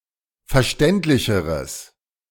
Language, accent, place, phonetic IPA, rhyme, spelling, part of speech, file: German, Germany, Berlin, [fɛɐ̯ˈʃtɛntlɪçəʁəs], -ɛntlɪçəʁəs, verständlicheres, adjective, De-verständlicheres.ogg
- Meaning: strong/mixed nominative/accusative neuter singular comparative degree of verständlich